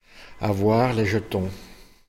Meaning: to have the jitters, to have the willies, to have the heebie-jeebies (to be scared)
- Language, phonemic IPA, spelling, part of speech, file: French, /a.vwaʁ le ʒ(ə).tɔ̃/, avoir les jetons, verb, Fr-avoir les jetons.ogg